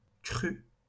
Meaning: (noun) 1. flood 2. growth; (adjective) feminine singular of cru
- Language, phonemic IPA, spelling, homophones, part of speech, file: French, /kʁy/, crue, cru / crû, noun / adjective / verb, LL-Q150 (fra)-crue.wav